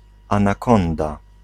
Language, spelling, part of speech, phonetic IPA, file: Polish, anakonda, noun, [ˌãnaˈkɔ̃nda], Pl-anakonda.ogg